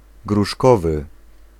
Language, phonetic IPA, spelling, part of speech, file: Polish, [ɡruˈʃkɔvɨ], gruszkowy, adjective, Pl-gruszkowy.ogg